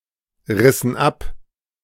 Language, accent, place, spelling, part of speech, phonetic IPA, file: German, Germany, Berlin, rissen ab, verb, [ˌʁɪsn̩ ˈap], De-rissen ab.ogg
- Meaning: inflection of abreißen: 1. first/third-person plural preterite 2. first/third-person plural subjunctive II